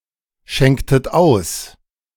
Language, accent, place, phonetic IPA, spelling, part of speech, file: German, Germany, Berlin, [ˌʃɛŋktət ˈaʊ̯s], schenktet aus, verb, De-schenktet aus.ogg
- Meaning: inflection of ausschenken: 1. second-person plural preterite 2. second-person plural subjunctive II